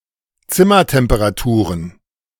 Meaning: plural of Zimmertemperatur
- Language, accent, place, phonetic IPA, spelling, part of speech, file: German, Germany, Berlin, [ˈt͡sɪmɐtɛmpəʁaˌtuːʁən], Zimmertemperaturen, noun, De-Zimmertemperaturen.ogg